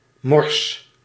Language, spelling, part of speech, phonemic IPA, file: Dutch, mors, verb / adverb, /mɔrs/, Nl-mors.ogg
- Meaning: inflection of morsen: 1. first-person singular present indicative 2. second-person singular present indicative 3. imperative